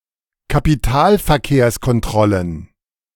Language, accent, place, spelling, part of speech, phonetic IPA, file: German, Germany, Berlin, Kapitalverkehrskontrollen, noun, [kapiˈtaːlfɛɐ̯keːɐ̯skɔnˌtʁɔlən], De-Kapitalverkehrskontrollen.ogg
- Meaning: plural of Kapitalverkehrskontrolle